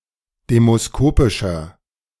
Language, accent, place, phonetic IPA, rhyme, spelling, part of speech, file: German, Germany, Berlin, [ˌdeːmosˈkoːpɪʃɐ], -oːpɪʃɐ, demoskopischer, adjective, De-demoskopischer.ogg
- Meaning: inflection of demoskopisch: 1. strong/mixed nominative masculine singular 2. strong genitive/dative feminine singular 3. strong genitive plural